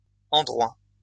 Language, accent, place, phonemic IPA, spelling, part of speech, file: French, France, Lyon, /ɑ̃.dʁwa/, endroits, noun, LL-Q150 (fra)-endroits.wav
- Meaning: plural of endroit